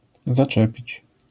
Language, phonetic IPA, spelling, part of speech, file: Polish, [zaˈt͡ʃɛpʲit͡ɕ], zaczepić, verb, LL-Q809 (pol)-zaczepić.wav